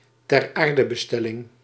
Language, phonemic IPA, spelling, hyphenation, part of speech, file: Dutch, /tɛrˈaːr.də.bəˌstɛ.lɪŋ/, teraardebestelling, ter‧aar‧de‧be‧stel‧ling, noun, Nl-teraardebestelling.ogg
- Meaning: interment, burial